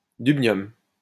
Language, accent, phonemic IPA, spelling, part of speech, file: French, France, /dyb.njɔm/, dubnium, noun, LL-Q150 (fra)-dubnium.wav
- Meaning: dubnium